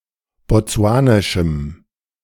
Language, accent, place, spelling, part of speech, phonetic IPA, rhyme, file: German, Germany, Berlin, botsuanischem, adjective, [bɔˈt͡su̯aːnɪʃm̩], -aːnɪʃm̩, De-botsuanischem.ogg
- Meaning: strong dative masculine/neuter singular of botsuanisch